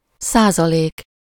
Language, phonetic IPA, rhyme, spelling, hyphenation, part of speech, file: Hungarian, [ˈsaːzɒleːk], -eːk, százalék, szá‧za‧lék, noun, Hu-százalék.ogg
- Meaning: percent, percentage (%)